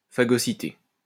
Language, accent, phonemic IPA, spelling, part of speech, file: French, France, /fa.ɡɔ.si.te/, phagocyter, verb, LL-Q150 (fra)-phagocyter.wav
- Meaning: 1. to phagocytize 2. to swallow up